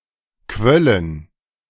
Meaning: first/third-person plural subjunctive II of quellen
- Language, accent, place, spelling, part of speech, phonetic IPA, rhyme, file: German, Germany, Berlin, quöllen, verb, [ˈkvœlən], -œlən, De-quöllen.ogg